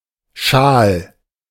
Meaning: 1. scarf 2. shawl
- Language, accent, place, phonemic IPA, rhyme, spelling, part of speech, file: German, Germany, Berlin, /ʃaːl/, -aːl, Schal, noun, De-Schal.ogg